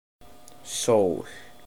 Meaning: 1. the sun (star which illuminates one side of the Earth) 2. sun (applied to any star or used metaphorically) 3. poppy
- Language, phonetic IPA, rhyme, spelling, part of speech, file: Icelandic, [ˈsouːl], -ouːl, sól, noun, Is-sól.oga